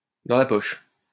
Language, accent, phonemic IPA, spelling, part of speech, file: French, France, /dɑ̃ la pɔʃ/, dans la poche, adjective, LL-Q150 (fra)-dans la poche.wav
- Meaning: in the bag (virtually assured of success)